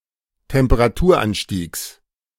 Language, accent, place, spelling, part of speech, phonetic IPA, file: German, Germany, Berlin, Temperaturanstiegs, noun, [tɛmpəʁaˈtuːɐ̯ˌʔanʃtiːks], De-Temperaturanstiegs.ogg
- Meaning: genitive singular of Temperaturanstieg